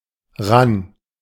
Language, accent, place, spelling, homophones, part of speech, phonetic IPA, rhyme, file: German, Germany, Berlin, ran, rann, adverb, [ʁan], -an, De-ran.ogg
- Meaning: near, close to, over to